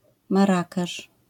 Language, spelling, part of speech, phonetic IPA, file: Polish, Marrakesz, proper noun, [marˈːakɛʃ], LL-Q809 (pol)-Marrakesz.wav